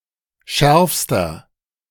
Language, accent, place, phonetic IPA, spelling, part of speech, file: German, Germany, Berlin, [ˈʃɛʁfstɐ], schärfster, adjective, De-schärfster.ogg
- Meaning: inflection of scharf: 1. strong/mixed nominative masculine singular superlative degree 2. strong genitive/dative feminine singular superlative degree 3. strong genitive plural superlative degree